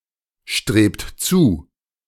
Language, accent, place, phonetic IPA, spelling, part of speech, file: German, Germany, Berlin, [ˌʃtʁeːpt ˈt͡suː], strebt zu, verb, De-strebt zu.ogg
- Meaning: inflection of zustreben: 1. second-person plural present 2. third-person singular present 3. plural imperative